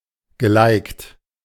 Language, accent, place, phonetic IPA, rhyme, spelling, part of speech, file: German, Germany, Berlin, [ɡəˈlaɪ̯kt], -aɪ̯kt, gelikt, verb, De-gelikt.ogg
- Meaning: past participle of liken